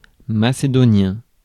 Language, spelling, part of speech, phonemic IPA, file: French, macédonien, noun / adjective, /ma.se.dɔ.njɛ̃/, Fr-macédonien.ogg
- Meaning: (noun) Macedonian, the Macedonian language; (adjective) of Macedonia; Macedonian